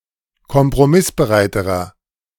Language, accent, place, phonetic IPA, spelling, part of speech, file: German, Germany, Berlin, [kɔmpʁoˈmɪsbəˌʁaɪ̯təʁɐ], kompromissbereiterer, adjective, De-kompromissbereiterer.ogg
- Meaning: inflection of kompromissbereit: 1. strong/mixed nominative masculine singular comparative degree 2. strong genitive/dative feminine singular comparative degree